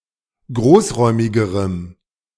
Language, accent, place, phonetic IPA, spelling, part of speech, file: German, Germany, Berlin, [ˈɡʁoːsˌʁɔɪ̯mɪɡəʁəm], großräumigerem, adjective, De-großräumigerem.ogg
- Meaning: strong dative masculine/neuter singular comparative degree of großräumig